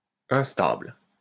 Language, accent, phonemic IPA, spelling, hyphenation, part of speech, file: French, France, /ɛ̃s.tabl/, instable, in‧stable, adjective, LL-Q150 (fra)-instable.wav
- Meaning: unstable